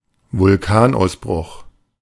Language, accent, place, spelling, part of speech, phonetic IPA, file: German, Germany, Berlin, Vulkanausbruch, noun, [vʊlˈkaːnʔaʊ̯sˌbʁʊx], De-Vulkanausbruch.ogg
- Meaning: the eruption of a volcano